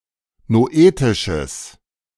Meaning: strong/mixed nominative/accusative neuter singular of noetisch
- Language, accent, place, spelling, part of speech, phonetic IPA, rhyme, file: German, Germany, Berlin, noetisches, adjective, [noˈʔeːtɪʃəs], -eːtɪʃəs, De-noetisches.ogg